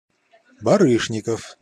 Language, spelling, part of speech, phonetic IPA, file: Russian, Барышников, proper noun, [bɐˈrɨʂnʲɪkəf], Ru-Барышников.ogg
- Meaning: a surname, Baryshnikov